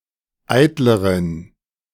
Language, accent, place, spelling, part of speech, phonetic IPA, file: German, Germany, Berlin, eitleren, adjective, [ˈaɪ̯tləʁən], De-eitleren.ogg
- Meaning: inflection of eitel: 1. strong genitive masculine/neuter singular comparative degree 2. weak/mixed genitive/dative all-gender singular comparative degree